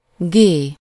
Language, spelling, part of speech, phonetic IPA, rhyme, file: Hungarian, gé, noun, [ˈɡeː], -ɡeː, Hu-gé.ogg
- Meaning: The name of the Latin script letter G/g